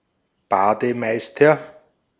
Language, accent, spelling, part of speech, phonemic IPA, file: German, Austria, Bademeister, noun, /ˈbaː.dəˌmaɪ̯.stɐ/, De-at-Bademeister.ogg
- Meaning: bathkeeper, bath attendant, pool supervisor, swimming pool attendant, lifesaver (male or of unspecified gender)